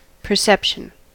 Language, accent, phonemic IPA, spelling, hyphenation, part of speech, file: English, General American, /pɚˈsɛpʃ(ə)n/, perception, per‧cept‧ion, noun, En-us-perception.ogg
- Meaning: 1. The organisation, identification and interpretation of sensory information 2. Conscious understanding of something 3. Vision (ability) 4. Acuity